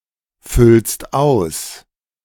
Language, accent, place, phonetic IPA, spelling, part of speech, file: German, Germany, Berlin, [ˌfʏlst ˈaʊ̯s], füllst aus, verb, De-füllst aus.ogg
- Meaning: second-person singular present of ausfüllen